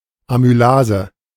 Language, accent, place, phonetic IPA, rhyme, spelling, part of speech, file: German, Germany, Berlin, [amyˈlaːzə], -aːzə, Amylase, noun, De-Amylase.ogg
- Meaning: amylase (type of enzyme)